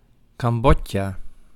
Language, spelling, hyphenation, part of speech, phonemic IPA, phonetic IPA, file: Dutch, Cambodja, Cam‧bod‧ja, proper noun, /kɑmˈbɔ.tjaː/, [kɑmˈbɔca], Nl-Cambodja.ogg
- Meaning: Cambodia (a country in Southeast Asia)